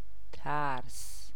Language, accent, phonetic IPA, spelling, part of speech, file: Persian, Iran, [t̪ʰǽɹs], ترس, noun, Fa-ترس.ogg
- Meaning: 1. fear 2. terror